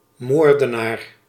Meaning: murderer
- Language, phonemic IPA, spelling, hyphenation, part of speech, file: Dutch, /ˈmoːr.dəˌnaːr/, moordenaar, moor‧de‧naar, noun, Nl-moordenaar.ogg